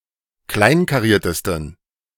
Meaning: 1. superlative degree of kleinkariert 2. inflection of kleinkariert: strong genitive masculine/neuter singular superlative degree
- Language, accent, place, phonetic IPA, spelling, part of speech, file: German, Germany, Berlin, [ˈklaɪ̯nkaˌʁiːɐ̯təstn̩], kleinkariertesten, adjective, De-kleinkariertesten.ogg